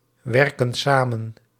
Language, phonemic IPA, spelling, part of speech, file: Dutch, /ˈwɛrkə(n) ˈsamə(n)/, werken samen, verb, Nl-werken samen.ogg
- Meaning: inflection of samenwerken: 1. plural present indicative 2. plural present subjunctive